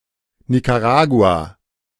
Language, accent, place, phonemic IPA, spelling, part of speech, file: German, Germany, Berlin, /nikaˈʁaːɡua/, Nicaragua, proper noun, De-Nicaragua.ogg
- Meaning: Nicaragua (a country in Central America)